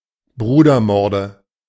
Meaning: nominative/accusative/genitive plural of Brudermord
- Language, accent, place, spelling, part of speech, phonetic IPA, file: German, Germany, Berlin, Brudermorde, noun, [ˈbʁuːdɐˌmɔʁdə], De-Brudermorde.ogg